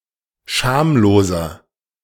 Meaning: 1. comparative degree of schamlos 2. inflection of schamlos: strong/mixed nominative masculine singular 3. inflection of schamlos: strong genitive/dative feminine singular
- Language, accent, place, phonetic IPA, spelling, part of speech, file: German, Germany, Berlin, [ˈʃaːmloːzɐ], schamloser, adjective, De-schamloser.ogg